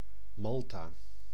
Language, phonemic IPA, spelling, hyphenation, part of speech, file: Dutch, /ˈmɑl.taː/, Malta, Mal‧ta, proper noun, Nl-Malta.ogg
- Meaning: 1. Malta (an archipelago and country in Southern Europe, in the Mediterranean Sea) 2. Malta (the largest island in the Maltese Archipelago)